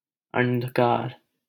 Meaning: darkness (the absence of light)
- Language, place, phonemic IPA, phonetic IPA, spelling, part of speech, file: Hindi, Delhi, /ənd̪ʱ.kɑːɾ/, [ɐ̃n̪d̪ʱ.käːɾ], अंधकार, noun, LL-Q1568 (hin)-अंधकार.wav